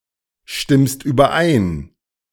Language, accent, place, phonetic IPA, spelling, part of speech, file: German, Germany, Berlin, [ˌʃtɪmst yːbɐˈʔaɪ̯n], stimmst überein, verb, De-stimmst überein.ogg
- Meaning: second-person singular present of übereinstimmen